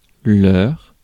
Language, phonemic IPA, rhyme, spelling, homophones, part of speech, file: French, /lœʁ/, -œʁ, leur, leurre / leurrent / leurres / leurs, pronoun / determiner, Fr-leur.ogg
- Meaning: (pronoun) (to) them; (determiner) their